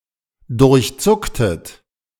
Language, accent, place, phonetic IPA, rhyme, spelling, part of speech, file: German, Germany, Berlin, [dʊʁçˈt͡sʊktət], -ʊktət, durchzucktet, verb, De-durchzucktet.ogg
- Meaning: inflection of durchzucken: 1. second-person plural preterite 2. second-person plural subjunctive II